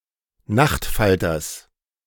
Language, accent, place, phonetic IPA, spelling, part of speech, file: German, Germany, Berlin, [ˈnaxtˌfaltɐs], Nachtfalters, noun, De-Nachtfalters.ogg
- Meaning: genitive singular of Nachtfalter